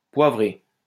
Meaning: to pepper (to season with pepper)
- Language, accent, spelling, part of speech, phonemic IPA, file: French, France, poivrer, verb, /pwa.vʁe/, LL-Q150 (fra)-poivrer.wav